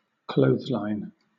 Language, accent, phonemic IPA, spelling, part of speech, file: English, Southern England, /ˈkləʊðzlaɪn/, clothesline, noun / verb, LL-Q1860 (eng)-clothesline.wav
- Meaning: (noun) 1. A rope or cord tied up outdoors to hang clothes on so they can dry 2. A structure with multiple cords for the same purpose, such as a Hills hoist